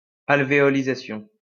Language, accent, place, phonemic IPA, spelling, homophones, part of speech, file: French, France, Lyon, /al.ve.ɔ.li.za.sjɔ̃/, alvéolisation, alvéolisations, noun, LL-Q150 (fra)-alvéolisation.wav
- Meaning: alveolization